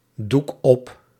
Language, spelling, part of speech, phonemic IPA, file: Dutch, doek op, verb, /ˈduk ˈɔp/, Nl-doek op.ogg
- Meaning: inflection of opdoeken: 1. first-person singular present indicative 2. second-person singular present indicative 3. imperative